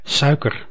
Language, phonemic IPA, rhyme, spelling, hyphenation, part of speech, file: Dutch, /ˈsœy̯.kər/, -œy̯kər, suiker, sui‧ker, noun, Nl-suiker.ogg
- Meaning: sugar